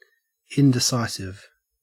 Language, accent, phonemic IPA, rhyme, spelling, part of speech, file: English, Australia, /ˌɪndɪˈsaɪsɪv/, -aɪsɪv, indecisive, adjective, En-au-indecisive.ogg
- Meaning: 1. Of a person, not decisive, not marked by promptness or decision 2. Of a contest, etc., inconclusive or uncertain